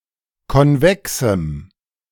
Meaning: strong dative masculine/neuter singular of konvex
- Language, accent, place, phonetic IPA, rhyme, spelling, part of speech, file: German, Germany, Berlin, [kɔnˈvɛksm̩], -ɛksm̩, konvexem, adjective, De-konvexem.ogg